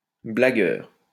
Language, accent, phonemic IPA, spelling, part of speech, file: French, France, /bla.ɡœʁ/, blagueur, noun, LL-Q150 (fra)-blagueur.wav
- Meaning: joker (person who makes jokes)